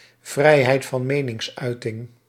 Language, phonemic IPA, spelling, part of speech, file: Dutch, /ˈvrɛihɛit vɑ(n)ˈmenɪŋsˌœytɪŋ/, vrijheid van meningsuiting, noun, Nl-vrijheid van meningsuiting.ogg
- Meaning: freedom of speech, freedom of expression